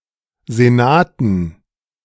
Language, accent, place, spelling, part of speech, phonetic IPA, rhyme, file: German, Germany, Berlin, Senaten, noun, [zeˈnaːtn̩], -aːtn̩, De-Senaten.ogg
- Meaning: dative plural of Senat